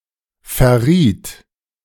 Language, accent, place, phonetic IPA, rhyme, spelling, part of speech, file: German, Germany, Berlin, [fɛɐ̯ˈʁiːt], -iːt, verriet, verb, De-verriet.ogg
- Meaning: first/third-person singular preterite of verraten